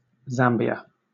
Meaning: A country in Southern Africa. Official name: Republic of Zambia. Formerly called Northern Rhodesia
- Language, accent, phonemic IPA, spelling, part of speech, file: English, Southern England, /ˈzæmbiə/, Zambia, proper noun, LL-Q1860 (eng)-Zambia.wav